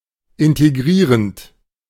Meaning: present participle of integrieren
- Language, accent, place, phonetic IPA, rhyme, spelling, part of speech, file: German, Germany, Berlin, [ˌɪnteˈɡʁiːʁənt], -iːʁənt, integrierend, verb, De-integrierend.ogg